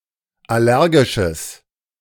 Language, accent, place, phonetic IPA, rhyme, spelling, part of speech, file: German, Germany, Berlin, [ˌaˈlɛʁɡɪʃəs], -ɛʁɡɪʃəs, allergisches, adjective, De-allergisches.ogg
- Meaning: strong/mixed nominative/accusative neuter singular of allergisch